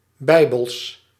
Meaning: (noun) plural of bijbel; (adjective) alternative letter-case form of Bijbels
- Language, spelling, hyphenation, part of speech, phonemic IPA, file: Dutch, bijbels, bij‧bels, noun / adjective, /ˈbɛi̯.bəls/, Nl-bijbels.ogg